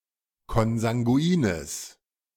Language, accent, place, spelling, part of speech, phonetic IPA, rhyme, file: German, Germany, Berlin, konsanguines, adjective, [kɔnzaŋɡuˈiːnəs], -iːnəs, De-konsanguines.ogg
- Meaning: strong/mixed nominative/accusative neuter singular of konsanguin